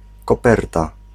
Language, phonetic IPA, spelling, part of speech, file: Polish, [kɔˈpɛrta], koperta, noun, Pl-koperta.ogg